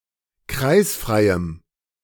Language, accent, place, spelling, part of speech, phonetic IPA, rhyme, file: German, Germany, Berlin, kreisfreiem, adjective, [ˈkʁaɪ̯sfʁaɪ̯əm], -aɪ̯sfʁaɪ̯əm, De-kreisfreiem.ogg
- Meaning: strong dative masculine/neuter singular of kreisfrei